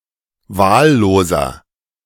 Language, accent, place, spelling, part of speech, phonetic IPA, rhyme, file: German, Germany, Berlin, wahlloser, adjective, [ˈvaːlloːzɐ], -aːlloːzɐ, De-wahlloser.ogg
- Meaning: inflection of wahllos: 1. strong/mixed nominative masculine singular 2. strong genitive/dative feminine singular 3. strong genitive plural